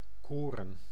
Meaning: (noun) grain; corn (any cereal); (verb) to be sick, to have a tendency to vomit; to vomit; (noun) plural of koor
- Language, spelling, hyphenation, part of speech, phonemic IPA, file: Dutch, koren, ko‧ren, noun / verb, /ˈkoː.rə(n)/, Nl-koren.ogg